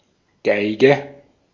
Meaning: violin, fiddle
- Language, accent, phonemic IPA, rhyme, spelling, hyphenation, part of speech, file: German, Austria, /ˈɡaɪ̯ɡə/, -aɪ̯ɡə, Geige, Gei‧ge, noun, De-at-Geige.ogg